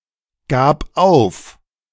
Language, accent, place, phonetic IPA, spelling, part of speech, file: German, Germany, Berlin, [ˌɡaːp ˈaʊ̯f], gab auf, verb, De-gab auf.ogg
- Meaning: first/third-person singular preterite of aufgeben